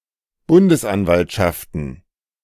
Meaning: plural of Bundesanwaltschaft
- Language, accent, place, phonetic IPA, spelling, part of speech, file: German, Germany, Berlin, [ˈbʊndəsˌʔanvaltʃaftn̩], Bundesanwaltschaften, noun, De-Bundesanwaltschaften.ogg